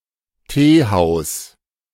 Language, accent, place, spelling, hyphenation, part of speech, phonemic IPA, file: German, Germany, Berlin, Teehaus, Tee‧haus, noun, /ˈteːˌhaʊ̯s/, De-Teehaus.ogg
- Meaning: teahouse